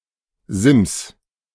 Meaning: horizontal protrusion or ridge on a wall etc.: 1. ledge (one inside which can be used as a shelf) 2. cornice (one outside, for draining or ornamentation)
- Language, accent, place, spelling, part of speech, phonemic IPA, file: German, Germany, Berlin, Sims, noun, /zɪms/, De-Sims.ogg